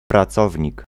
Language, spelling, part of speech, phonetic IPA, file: Polish, pracownik, noun, [praˈt͡sɔvʲɲik], Pl-pracownik.ogg